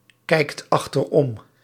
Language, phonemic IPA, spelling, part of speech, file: Dutch, /ˈkɛikt ɑxtərˈɔm/, kijkt achterom, verb, Nl-kijkt achterom.ogg
- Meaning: inflection of achteromkijken: 1. second/third-person singular present indicative 2. plural imperative